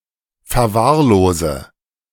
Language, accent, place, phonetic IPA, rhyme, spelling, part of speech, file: German, Germany, Berlin, [fɛɐ̯ˈvaːɐ̯ˌloːzə], -aːɐ̯loːzə, verwahrlose, verb, De-verwahrlose.ogg
- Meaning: inflection of verwahrlosen: 1. first-person singular present 2. first/third-person singular subjunctive I 3. singular imperative